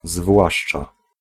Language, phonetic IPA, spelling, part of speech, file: Polish, [ˈzvwaʃt͡ʃa], zwłaszcza, particle, Pl-zwłaszcza.ogg